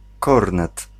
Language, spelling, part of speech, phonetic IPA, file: Polish, kornet, noun, [ˈkɔrnɛt], Pl-kornet.ogg